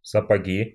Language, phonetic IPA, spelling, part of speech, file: Russian, [səpɐˈɡʲi], сапоги, noun, Ru-сапоги.ogg
- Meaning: nominative/accusative plural of сапо́г (sapóg)